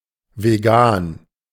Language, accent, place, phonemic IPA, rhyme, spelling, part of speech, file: German, Germany, Berlin, /veˈɡaːn/, -aːn, vegan, adjective, De-vegan.ogg
- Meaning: vegan